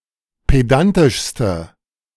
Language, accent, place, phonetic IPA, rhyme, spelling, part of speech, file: German, Germany, Berlin, [ˌpeˈdantɪʃstə], -antɪʃstə, pedantischste, adjective, De-pedantischste.ogg
- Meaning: inflection of pedantisch: 1. strong/mixed nominative/accusative feminine singular superlative degree 2. strong nominative/accusative plural superlative degree